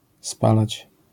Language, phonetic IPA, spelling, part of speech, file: Polish, [ˈspalat͡ɕ], spalać, verb, LL-Q809 (pol)-spalać.wav